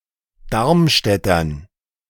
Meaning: dative plural of Darmstädter
- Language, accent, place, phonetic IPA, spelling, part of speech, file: German, Germany, Berlin, [ˈdaʁmˌʃtɛtɐn], Darmstädtern, noun, De-Darmstädtern.ogg